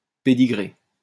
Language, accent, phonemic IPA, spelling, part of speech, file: French, France, /pe.di.ɡʁe/, pedigree, noun, LL-Q150 (fra)-pedigree.wav
- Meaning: alternative spelling of pédigrée (“pedigree”)